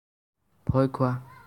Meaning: to fear
- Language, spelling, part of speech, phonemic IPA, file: Assamese, ভয় খোৱা, verb, /bʱɔj kʰʊɑ/, As-ভয় খোৱা.ogg